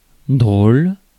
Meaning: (adjective) 1. funny, amusing 2. strange, weird, bizarre; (noun) 1. rascal, scoundrel 2. child, kid, lad
- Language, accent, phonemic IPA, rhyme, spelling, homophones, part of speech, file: French, France, /dʁol/, -ol, drôle, drôles, adjective / noun, Fr-drôle.ogg